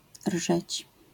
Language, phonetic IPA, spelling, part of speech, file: Polish, [rʒɛt͡ɕ], rżeć, verb, LL-Q809 (pol)-rżeć.wav